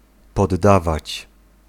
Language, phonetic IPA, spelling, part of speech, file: Polish, [pɔdˈːavat͡ɕ], poddawać, verb, Pl-poddawać.ogg